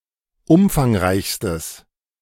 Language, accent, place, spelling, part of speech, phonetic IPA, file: German, Germany, Berlin, umfangreichstes, adjective, [ˈʊmfaŋˌʁaɪ̯çstəs], De-umfangreichstes.ogg
- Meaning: strong/mixed nominative/accusative neuter singular superlative degree of umfangreich